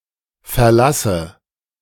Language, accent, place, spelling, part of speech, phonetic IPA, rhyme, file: German, Germany, Berlin, verlasse, verb, [fɛɐ̯ˈlasə], -asə, De-verlasse.ogg
- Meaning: inflection of verlassen: 1. first-person singular present 2. first/third-person singular subjunctive I 3. singular imperative